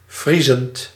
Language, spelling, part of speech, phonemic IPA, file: Dutch, vriezend, adjective / verb, /ˈvrizənt/, Nl-vriezend.ogg
- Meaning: present participle of vriezen